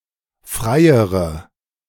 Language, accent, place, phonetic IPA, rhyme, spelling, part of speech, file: German, Germany, Berlin, [ˈfʁaɪ̯əʁə], -aɪ̯əʁə, freiere, adjective, De-freiere.ogg
- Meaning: inflection of frei: 1. strong/mixed nominative/accusative feminine singular comparative degree 2. strong nominative/accusative plural comparative degree